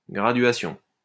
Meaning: 1. graduation (marking (e.g., on a container) indicating a measurement, usually one of many such markings that are each separated by a constant interval) 2. the process of creating such markings
- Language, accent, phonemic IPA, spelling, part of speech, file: French, France, /ɡʁa.dɥa.sjɔ̃/, graduation, noun, LL-Q150 (fra)-graduation.wav